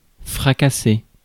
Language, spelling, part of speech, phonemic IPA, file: French, fracasser, verb, /fʁa.ka.se/, Fr-fracasser.ogg
- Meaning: to smash (to break violently)